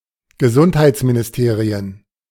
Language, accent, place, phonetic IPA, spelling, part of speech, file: German, Germany, Berlin, [ɡəˈzʊnthaɪ̯t͡sminɪsˌteːʁiən], Gesundheitsministerien, noun, De-Gesundheitsministerien.ogg
- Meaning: plural of Gesundheitsministerium